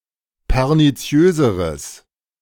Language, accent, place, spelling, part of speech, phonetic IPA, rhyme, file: German, Germany, Berlin, perniziöseres, adjective, [pɛʁniˈt͡si̯øːzəʁəs], -øːzəʁəs, De-perniziöseres.ogg
- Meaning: strong/mixed nominative/accusative neuter singular comparative degree of perniziös